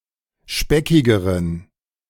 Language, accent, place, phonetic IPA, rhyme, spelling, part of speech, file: German, Germany, Berlin, [ˈʃpɛkɪɡəʁən], -ɛkɪɡəʁən, speckigeren, adjective, De-speckigeren.ogg
- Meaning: inflection of speckig: 1. strong genitive masculine/neuter singular comparative degree 2. weak/mixed genitive/dative all-gender singular comparative degree